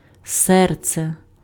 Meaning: heart
- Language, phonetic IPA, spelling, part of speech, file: Ukrainian, [ˈsɛrt͡se], серце, noun, Uk-серце.ogg